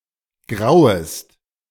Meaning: second-person singular subjunctive I of grauen
- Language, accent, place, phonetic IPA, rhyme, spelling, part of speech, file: German, Germany, Berlin, [ˈɡʁaʊ̯əst], -aʊ̯əst, grauest, verb, De-grauest.ogg